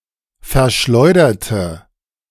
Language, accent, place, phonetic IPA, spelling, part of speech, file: German, Germany, Berlin, [fɛɐ̯ˈʃlɔɪ̯dɐtə], verschleuderte, adjective / verb, De-verschleuderte.ogg
- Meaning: inflection of verschleudern: 1. first/third-person singular preterite 2. first/third-person singular subjunctive II